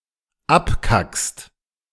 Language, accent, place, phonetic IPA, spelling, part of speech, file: German, Germany, Berlin, [ˈapˌkakst], abkackst, verb, De-abkackst.ogg
- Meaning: second-person singular dependent present of abkacken